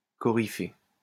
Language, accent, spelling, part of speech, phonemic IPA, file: French, France, coryphée, noun, /kɔ.ʁi.fe/, LL-Q150 (fra)-coryphée.wav
- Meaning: leader of the ancient Greek chorus, coryphaeus